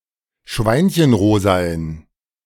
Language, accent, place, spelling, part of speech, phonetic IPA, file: German, Germany, Berlin, schweinchenrosaen, adjective, [ˈʃvaɪ̯nçənˌʁoːzaən], De-schweinchenrosaen.ogg
- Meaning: inflection of schweinchenrosa: 1. strong genitive masculine/neuter singular 2. weak/mixed genitive/dative all-gender singular 3. strong/weak/mixed accusative masculine singular 4. strong dative plural